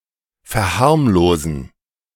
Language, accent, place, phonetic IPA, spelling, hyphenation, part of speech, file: German, Germany, Berlin, [fɛɐ̯ˈhaʁmloːzn̩], verharmlosen, ver‧harm‧lo‧sen, verb, De-verharmlosen.ogg
- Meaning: 1. to play down 2. to trivialise